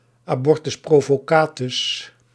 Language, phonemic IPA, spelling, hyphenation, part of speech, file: Dutch, /aːˈbɔr.tʏs ˌproː.voːˈkaːtʏs/, abortus provocatus, abor‧tus pro‧vo‧ca‧tus, noun, Nl-abortus provocatus.ogg
- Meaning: abortion, induced abortion